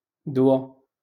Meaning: remedy, medicine, medication, drug
- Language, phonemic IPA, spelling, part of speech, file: Moroccan Arabic, /dwa/, دوا, noun, LL-Q56426 (ary)-دوا.wav